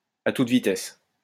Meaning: at full tilt, at full speed, at full throttle
- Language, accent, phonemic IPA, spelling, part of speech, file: French, France, /a tut vi.tɛs/, à toute vitesse, adverb, LL-Q150 (fra)-à toute vitesse.wav